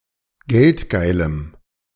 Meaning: strong dative masculine/neuter singular of geldgeil
- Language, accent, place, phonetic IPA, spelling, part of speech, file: German, Germany, Berlin, [ˈɡɛltˌɡaɪ̯ləm], geldgeilem, adjective, De-geldgeilem.ogg